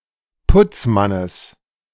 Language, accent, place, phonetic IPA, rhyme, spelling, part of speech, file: German, Germany, Berlin, [ˈpʊt͡sˌmanəs], -ʊt͡smanəs, Putzmannes, noun, De-Putzmannes.ogg
- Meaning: genitive singular of Putzmann